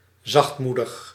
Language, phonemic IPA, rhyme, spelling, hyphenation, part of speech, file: Dutch, /ˌzɑxtˈmu.dəx/, -udəx, zachtmoedig, zacht‧moe‧dig, adjective, Nl-zachtmoedig.ogg
- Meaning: mild, gentle, meek